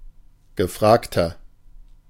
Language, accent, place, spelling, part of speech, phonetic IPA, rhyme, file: German, Germany, Berlin, gefragter, adjective, [ɡəˈfʁaːktɐ], -aːktɐ, De-gefragter.ogg
- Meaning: 1. comparative degree of gefragt 2. inflection of gefragt: strong/mixed nominative masculine singular 3. inflection of gefragt: strong genitive/dative feminine singular